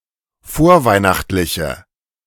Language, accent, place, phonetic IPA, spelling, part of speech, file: German, Germany, Berlin, [ˈfoːɐ̯ˌvaɪ̯naxtlɪçə], vorweihnachtliche, adjective, De-vorweihnachtliche.ogg
- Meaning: inflection of vorweihnachtlich: 1. strong/mixed nominative/accusative feminine singular 2. strong nominative/accusative plural 3. weak nominative all-gender singular